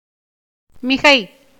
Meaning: 1. abundance, excessive 2. excellent thing 3. excellence 4. greatness 5. that which is unnecessary, superfluous 6. superfluity, redundancy, a defect in argumentation
- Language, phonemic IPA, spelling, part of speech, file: Tamil, /mɪɡɐɪ̯/, மிகை, noun, Ta-மிகை.ogg